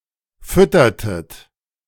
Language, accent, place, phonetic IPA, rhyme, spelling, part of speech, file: German, Germany, Berlin, [ˈfʏtɐtət], -ʏtɐtət, füttertet, verb, De-füttertet.ogg
- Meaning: inflection of füttern: 1. second-person plural preterite 2. second-person plural subjunctive II